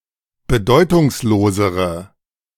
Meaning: inflection of bedeutungslos: 1. strong/mixed nominative/accusative feminine singular comparative degree 2. strong nominative/accusative plural comparative degree
- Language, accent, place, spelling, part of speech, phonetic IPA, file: German, Germany, Berlin, bedeutungslosere, adjective, [bəˈdɔɪ̯tʊŋsˌloːzəʁə], De-bedeutungslosere.ogg